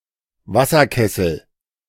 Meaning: kettle, teakettle
- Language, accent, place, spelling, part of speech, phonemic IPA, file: German, Germany, Berlin, Wasserkessel, noun, /ˈva.sɐˌkɛsl̩/, De-Wasserkessel.ogg